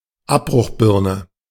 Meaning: wrecking ball
- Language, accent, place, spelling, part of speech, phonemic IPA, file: German, Germany, Berlin, Abbruchbirne, noun, /ˈapbʁʊxˌbɪʁnə/, De-Abbruchbirne.ogg